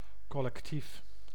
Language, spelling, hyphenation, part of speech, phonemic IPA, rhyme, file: Dutch, collectief, col‧lec‧tief, adjective / noun, /ˌkɔ.lɛkˈtif/, -if, Nl-collectief.ogg
- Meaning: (adjective) collective; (noun) 1. a group, a collective 2. a collective noun 3. a collective farm